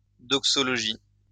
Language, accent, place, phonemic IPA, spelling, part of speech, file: French, France, Lyon, /dɔk.sɔ.lɔ.ʒi/, doxologie, noun, LL-Q150 (fra)-doxologie.wav
- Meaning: doxology (praise God expression)